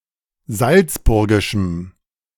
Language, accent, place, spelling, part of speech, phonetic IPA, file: German, Germany, Berlin, salzburgischem, adjective, [ˈzalt͡sˌbʊʁɡɪʃm̩], De-salzburgischem.ogg
- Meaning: strong dative masculine/neuter singular of salzburgisch